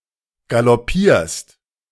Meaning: second-person singular present of galoppieren
- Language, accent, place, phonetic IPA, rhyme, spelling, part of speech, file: German, Germany, Berlin, [ɡalɔˈpiːɐ̯st], -iːɐ̯st, galoppierst, verb, De-galoppierst.ogg